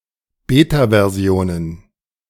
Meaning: plural of Beta-Version
- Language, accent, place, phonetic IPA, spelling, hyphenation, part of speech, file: German, Germany, Berlin, [ˈbetavɛɐ̯ˈzi̯oːnən], Beta-Versionen, Be‧ta-‧Ver‧si‧o‧nen, noun, De-Beta-Versionen.ogg